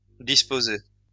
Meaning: third-person singular imperfect indicative of disposer
- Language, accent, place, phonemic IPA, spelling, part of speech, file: French, France, Lyon, /dis.po.zɛ/, disposait, verb, LL-Q150 (fra)-disposait.wav